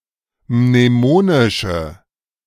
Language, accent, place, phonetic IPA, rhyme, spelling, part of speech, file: German, Germany, Berlin, [mneˈmoːnɪʃə], -oːnɪʃə, mnemonische, adjective, De-mnemonische.ogg
- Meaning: inflection of mnemonisch: 1. strong/mixed nominative/accusative feminine singular 2. strong nominative/accusative plural 3. weak nominative all-gender singular